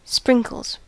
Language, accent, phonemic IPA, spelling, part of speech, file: English, US, /ˈspɹɪŋkl̩z/, sprinkles, noun / verb, En-us-sprinkles.ogg
- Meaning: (noun) 1. plural of sprinkle 2. Small candy or sugar pieces that are sprinkled over other confections; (verb) third-person singular simple present indicative of sprinkle